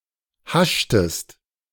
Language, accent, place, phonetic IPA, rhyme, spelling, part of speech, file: German, Germany, Berlin, [ˈhaʃtəst], -aʃtəst, haschtest, verb, De-haschtest.ogg
- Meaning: inflection of haschen: 1. second-person singular preterite 2. second-person singular subjunctive II